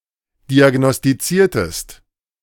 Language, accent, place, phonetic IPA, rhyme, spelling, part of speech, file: German, Germany, Berlin, [ˌdiaɡnɔstiˈt͡siːɐ̯təst], -iːɐ̯təst, diagnostiziertest, verb, De-diagnostiziertest.ogg
- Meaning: inflection of diagnostizieren: 1. second-person singular preterite 2. second-person singular subjunctive II